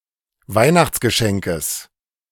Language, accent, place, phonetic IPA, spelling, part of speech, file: German, Germany, Berlin, [ˈvaɪ̯naxt͡sɡəˌʃɛŋkəs], Weihnachtsgeschenkes, noun, De-Weihnachtsgeschenkes.ogg
- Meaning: genitive of Weihnachtsgeschenk